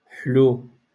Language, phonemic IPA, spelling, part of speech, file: Moroccan Arabic, /ħluww/, حلو, adjective, LL-Q56426 (ary)-حلو.wav
- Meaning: sweet